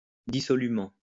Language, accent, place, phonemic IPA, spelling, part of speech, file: French, France, Lyon, /di.sɔ.ly.mɑ̃/, dissolument, adverb, LL-Q150 (fra)-dissolument.wav
- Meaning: dissolutely, profligately